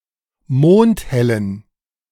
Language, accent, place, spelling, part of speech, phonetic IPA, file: German, Germany, Berlin, mondhellen, adjective, [ˈmoːnthɛlən], De-mondhellen.ogg
- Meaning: inflection of mondhell: 1. strong genitive masculine/neuter singular 2. weak/mixed genitive/dative all-gender singular 3. strong/weak/mixed accusative masculine singular 4. strong dative plural